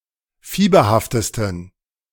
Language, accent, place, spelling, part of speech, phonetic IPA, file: German, Germany, Berlin, fieberhaftesten, adjective, [ˈfiːbɐhaftəstn̩], De-fieberhaftesten.ogg
- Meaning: 1. superlative degree of fieberhaft 2. inflection of fieberhaft: strong genitive masculine/neuter singular superlative degree